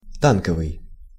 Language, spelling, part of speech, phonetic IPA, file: Russian, танковый, adjective, [ˈtankəvɨj], Ru-танковый.ogg
- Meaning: 1. tank 2. armored